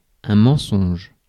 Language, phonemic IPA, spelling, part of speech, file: French, /mɑ̃.sɔ̃ʒ/, mensonge, noun, Fr-mensonge.ogg
- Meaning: lie, falsehood